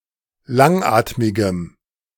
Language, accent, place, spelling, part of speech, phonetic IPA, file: German, Germany, Berlin, langatmigem, adjective, [ˈlaŋˌʔaːtmɪɡəm], De-langatmigem.ogg
- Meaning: strong dative masculine/neuter singular of langatmig